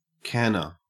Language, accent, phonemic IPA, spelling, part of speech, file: English, Australia, /ˈkænəɹ/, canner, noun, En-au-canner.ogg
- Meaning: 1. Someone or something which cans 2. A large pot used for processing jars when preserving food, either in a boiling water bath or by capturing steam to elevate the pressure and temperature